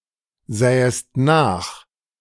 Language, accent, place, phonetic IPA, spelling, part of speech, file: German, Germany, Berlin, [ˌzɛːəst ˈnaːx], sähest nach, verb, De-sähest nach.ogg
- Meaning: second-person singular subjunctive II of nachsehen